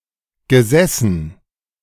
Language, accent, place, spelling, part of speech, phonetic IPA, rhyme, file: German, Germany, Berlin, gesessen, verb, [ɡəˈzɛsn̩], -ɛsn̩, De-gesessen.ogg
- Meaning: past participle of sitzen